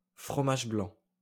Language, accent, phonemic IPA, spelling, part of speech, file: French, France, /fʁɔ.maʒ blɑ̃/, fromage blanc, noun, LL-Q150 (fra)-fromage blanc.wav
- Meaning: fromage blanc, sour cream, junket, cottage cheese, quark